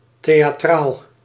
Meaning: 1. theatrical, dramatic 2. melodramatic, exaggerated
- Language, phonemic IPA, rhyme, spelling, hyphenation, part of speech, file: Dutch, /ˌteː.aːˈtraːl/, -aːl, theatraal, the‧a‧traal, adjective, Nl-theatraal.ogg